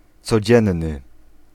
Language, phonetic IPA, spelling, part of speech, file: Polish, [t͡sɔˈd͡ʑɛ̃nːɨ], codzienny, adjective, Pl-codzienny.ogg